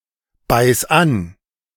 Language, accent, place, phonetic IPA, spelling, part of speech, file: German, Germany, Berlin, [ˌbaɪ̯s ˈan], beiß an, verb, De-beiß an.ogg
- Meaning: singular imperative of anbeißen